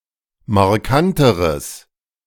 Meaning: strong/mixed nominative/accusative neuter singular comparative degree of markant
- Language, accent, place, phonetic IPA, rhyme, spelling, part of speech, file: German, Germany, Berlin, [maʁˈkantəʁəs], -antəʁəs, markanteres, adjective, De-markanteres.ogg